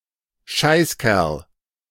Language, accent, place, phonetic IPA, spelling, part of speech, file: German, Germany, Berlin, [ˈʃaɪ̯sˌkɛʁl], Scheißkerl, noun, De-Scheißkerl.ogg
- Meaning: shithead, son of a bitch